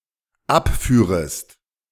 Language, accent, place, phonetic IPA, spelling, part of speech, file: German, Germany, Berlin, [ˈapˌfyːʁəst], abführest, verb, De-abführest.ogg
- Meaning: second-person singular dependent subjunctive II of abfahren